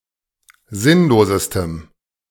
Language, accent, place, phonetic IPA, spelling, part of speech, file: German, Germany, Berlin, [ˈzɪnloːzəstəm], sinnlosestem, adjective, De-sinnlosestem.ogg
- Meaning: strong dative masculine/neuter singular superlative degree of sinnlos